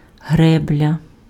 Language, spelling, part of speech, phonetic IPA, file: Ukrainian, гребля, noun, [ˈɦrɛblʲɐ], Uk-гребля.ogg
- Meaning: dam